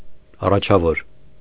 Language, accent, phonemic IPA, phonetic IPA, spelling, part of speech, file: Armenian, Eastern Armenian, /ɑrɑt͡ʃʰɑˈvoɾ/, [ɑrɑt͡ʃʰɑvóɾ], առաջավոր, adjective, Hy-առաջավոր.ogg
- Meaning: 1. leading, chief, first 2. advanced, precocious 3. progressive